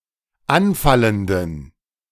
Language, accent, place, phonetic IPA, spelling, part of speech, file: German, Germany, Berlin, [ˈanˌfaləndn̩], anfallenden, adjective, De-anfallenden.ogg
- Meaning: inflection of anfallend: 1. strong genitive masculine/neuter singular 2. weak/mixed genitive/dative all-gender singular 3. strong/weak/mixed accusative masculine singular 4. strong dative plural